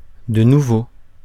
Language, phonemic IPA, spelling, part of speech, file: French, /də nu.vo/, de nouveau, adverb, Fr-de nouveau.ogg
- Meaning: again; once again